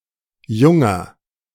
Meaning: strong genitive plural of Junges
- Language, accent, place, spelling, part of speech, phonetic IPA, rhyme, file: German, Germany, Berlin, Junger, noun, [ˈjʊŋɐ], -ʊŋɐ, De-Junger.ogg